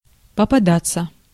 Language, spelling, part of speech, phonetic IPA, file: Russian, попадаться, verb, [pəpɐˈdat͡sːə], Ru-попадаться.ogg
- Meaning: 1. to get caught 2. to come across, to chance upon, to meet 3. passive of попада́ть (popadátʹ)